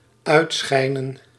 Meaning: to imply, to let know (Flemish) or to illuminate something
- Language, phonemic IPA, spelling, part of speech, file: Dutch, /ˈœytsxɛinə(n)/, uitschijnen, verb, Nl-uitschijnen.ogg